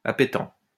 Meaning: palatable
- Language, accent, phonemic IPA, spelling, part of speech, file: French, France, /a.pe.tɑ̃/, appétent, adjective, LL-Q150 (fra)-appétent.wav